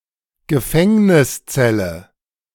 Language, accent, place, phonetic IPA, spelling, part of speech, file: German, Germany, Berlin, [ɡəˈfɛŋnɪsˌtsɛlə], Gefängniszelle, noun, De-Gefängniszelle.ogg
- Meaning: prison cell